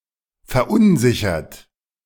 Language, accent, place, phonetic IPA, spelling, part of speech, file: German, Germany, Berlin, [fɛɐ̯ˈʔʊnˌzɪçɐt], verunsichert, verb, De-verunsichert.ogg
- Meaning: 1. past participle of verunsichern 2. inflection of verunsichern: third-person singular present 3. inflection of verunsichern: second-person plural present